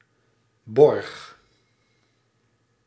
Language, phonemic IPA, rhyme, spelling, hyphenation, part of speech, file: Dutch, /bɔrx/, -ɔrx, borg, borg, noun / verb, Nl-borg.ogg
- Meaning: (noun) 1. surety, bail 2. guarantor 3. deposit; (verb) 1. singular past indicative of bergen 2. inflection of borgen: first-person singular present indicative